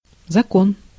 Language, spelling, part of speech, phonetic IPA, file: Russian, закон, noun, [zɐˈkon], Ru-закон.ogg
- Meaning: 1. law 2. rule